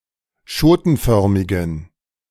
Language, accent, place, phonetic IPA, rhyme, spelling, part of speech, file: German, Germany, Berlin, [ˈʃoːtn̩ˌfœʁmɪɡn̩], -oːtn̩fœʁmɪɡn̩, schotenförmigen, adjective, De-schotenförmigen.ogg
- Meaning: inflection of schotenförmig: 1. strong genitive masculine/neuter singular 2. weak/mixed genitive/dative all-gender singular 3. strong/weak/mixed accusative masculine singular 4. strong dative plural